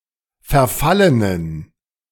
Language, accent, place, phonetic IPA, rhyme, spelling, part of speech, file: German, Germany, Berlin, [fɛɐ̯ˈfalənən], -alənən, verfallenen, adjective, De-verfallenen.ogg
- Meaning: inflection of verfallen: 1. strong genitive masculine/neuter singular 2. weak/mixed genitive/dative all-gender singular 3. strong/weak/mixed accusative masculine singular 4. strong dative plural